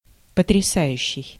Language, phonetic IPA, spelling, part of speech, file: Russian, [pətrʲɪˈsajʉɕːɪj], потрясающий, verb / adjective, Ru-потрясающий.ogg
- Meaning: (verb) present active imperfective participle of потряса́ть (potrjasátʹ); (adjective) awesome, stunning